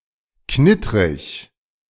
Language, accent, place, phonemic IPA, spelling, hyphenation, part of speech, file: German, Germany, Berlin, /ˈknɪtʁɪç/, knittrig, knit‧trig, adjective, De-knittrig.ogg
- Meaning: crinkled, wrinkled